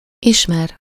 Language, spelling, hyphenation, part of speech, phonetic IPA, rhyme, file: Hungarian, ismer, is‧mer, verb, [ˈiʃmɛr], -ɛr, Hu-ismer.ogg
- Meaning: to know (be acquainted or familiar with)